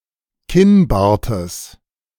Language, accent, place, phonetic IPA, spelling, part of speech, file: German, Germany, Berlin, [ˈkɪnˌbaːɐ̯təs], Kinnbartes, noun, De-Kinnbartes.ogg
- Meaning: genitive singular of Kinnbart